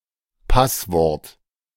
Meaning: password
- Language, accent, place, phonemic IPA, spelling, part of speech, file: German, Germany, Berlin, /ˈpasˌvɔrt/, Passwort, noun, De-Passwort.ogg